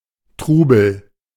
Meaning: turbulence, confusion, hubbub
- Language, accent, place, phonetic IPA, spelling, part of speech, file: German, Germany, Berlin, [ˈtʁuː.bl̩], Trubel, noun, De-Trubel.ogg